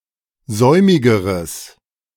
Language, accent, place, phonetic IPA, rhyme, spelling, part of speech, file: German, Germany, Berlin, [ˈzɔɪ̯mɪɡəʁəs], -ɔɪ̯mɪɡəʁəs, säumigeres, adjective, De-säumigeres.ogg
- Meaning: strong/mixed nominative/accusative neuter singular comparative degree of säumig